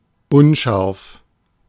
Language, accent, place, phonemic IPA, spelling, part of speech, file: German, Germany, Berlin, /ˈʊnˌʃaʁf/, unscharf, adjective, De-unscharf.ogg
- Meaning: blurred, fuzzy, out of focus, indistinct